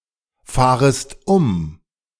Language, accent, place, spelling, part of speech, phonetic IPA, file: German, Germany, Berlin, fahrest um, verb, [ˌfaːʁəst ˈʊm], De-fahrest um.ogg
- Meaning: second-person singular subjunctive I of umfahren